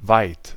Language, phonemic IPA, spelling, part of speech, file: German, /vaɪ̯t/, weit, adjective / adverb, De-weit.ogg
- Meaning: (adjective) 1. wide 2. large 3. far, distant (of the past or future) 4. Denotes a certain point in time or in some process or schedule, or a certain stage of development; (adverb) far